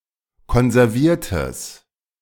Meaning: strong/mixed nominative/accusative neuter singular of konserviert
- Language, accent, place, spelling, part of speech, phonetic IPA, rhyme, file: German, Germany, Berlin, konserviertes, adjective, [kɔnzɛʁˈviːɐ̯təs], -iːɐ̯təs, De-konserviertes.ogg